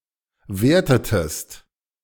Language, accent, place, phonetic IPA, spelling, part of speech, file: German, Germany, Berlin, [ˈveːɐ̯tətəst], wertetest, verb, De-wertetest.ogg
- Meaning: inflection of werten: 1. second-person singular preterite 2. second-person singular subjunctive II